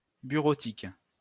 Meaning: office automation, commercial data processing
- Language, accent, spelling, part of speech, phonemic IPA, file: French, France, bureautique, noun, /by.ʁo.tik/, LL-Q150 (fra)-bureautique.wav